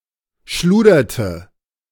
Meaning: third-person singular preterite of schludern
- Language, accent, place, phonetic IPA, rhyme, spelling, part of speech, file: German, Germany, Berlin, [ˈʃluːdɐtə], -uːdɐtə, schluderte, verb, De-schluderte.ogg